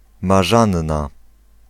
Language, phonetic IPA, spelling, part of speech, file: Polish, [ma.ˈʒãn.ːa], Marzanna, proper noun, Pl-Marzanna.ogg